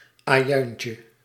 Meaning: diminutive of ajuin
- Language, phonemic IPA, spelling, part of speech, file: Dutch, /aˈjœyncə/, ajuintje, noun, Nl-ajuintje.ogg